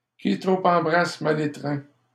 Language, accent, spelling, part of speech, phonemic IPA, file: French, Canada, qui trop embrasse mal étreint, proverb, /ki tʁo.p‿ɑ̃.bʁas ma.l‿e.tʁɛ̃/, LL-Q150 (fra)-qui trop embrasse mal étreint.wav
- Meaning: grasp all, lose all; don't spread yourself thin; don't become a jack of all trades, master of none